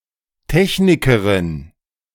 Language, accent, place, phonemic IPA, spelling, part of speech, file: German, Germany, Berlin, /ˈtɛçnɪkəʁɪn/, Technikerin, noun, De-Technikerin.ogg
- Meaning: female equivalent of Techniker (“technician, engineer”)